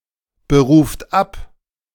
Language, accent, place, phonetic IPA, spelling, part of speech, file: German, Germany, Berlin, [bəˌʁuːft ˈap], beruft ab, verb, De-beruft ab.ogg
- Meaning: inflection of abberufen: 1. third-person singular present 2. second-person plural present 3. plural imperative